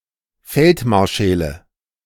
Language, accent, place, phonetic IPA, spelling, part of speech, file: German, Germany, Berlin, [ˈfɛltˌmaʁʃɛlə], Feldmarschälle, noun, De-Feldmarschälle.ogg
- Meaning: nominative/accusative/genitive plural of Feldmarschall